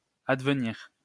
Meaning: to happen, to occur
- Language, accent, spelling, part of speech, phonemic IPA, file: French, France, advenir, verb, /ad.və.niʁ/, LL-Q150 (fra)-advenir.wav